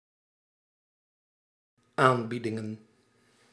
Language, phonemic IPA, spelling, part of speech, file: Dutch, /ˈambidɪŋə(n)/, aanbiedingen, noun, Nl-aanbiedingen.ogg
- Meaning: plural of aanbieding